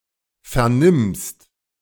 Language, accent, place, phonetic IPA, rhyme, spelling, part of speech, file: German, Germany, Berlin, [fɛɐ̯ˈnɪmst], -ɪmst, vernimmst, verb, De-vernimmst.ogg
- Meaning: second-person singular present of vernehmen